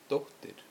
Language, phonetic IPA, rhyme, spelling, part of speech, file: Icelandic, [ˈtouhtɪr], -ouhtɪr, dóttir, noun, Is-dóttir.ogg
- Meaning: daughter